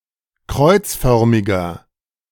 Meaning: inflection of kreuzförmig: 1. strong/mixed nominative masculine singular 2. strong genitive/dative feminine singular 3. strong genitive plural
- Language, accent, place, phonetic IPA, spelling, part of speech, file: German, Germany, Berlin, [ˈkʁɔɪ̯t͡sˌfœʁmɪɡɐ], kreuzförmiger, adjective, De-kreuzförmiger.ogg